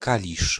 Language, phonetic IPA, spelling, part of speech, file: Polish, [ˈkalʲiʃ], Kalisz, proper noun, Pl-Kalisz.ogg